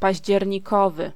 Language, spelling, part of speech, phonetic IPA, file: Polish, październikowy, adjective, [ˌpaʑd͡ʑɛrʲɲiˈkɔvɨ], Pl-październikowy.ogg